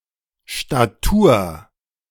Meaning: 1. build; physique; figure (of the body, particularly the bones and muscles) 2. character; profile; good standing; integrity; stature
- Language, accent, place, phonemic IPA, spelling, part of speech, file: German, Germany, Berlin, /ʃtaˈtuːɐ̯/, Statur, noun, De-Statur.ogg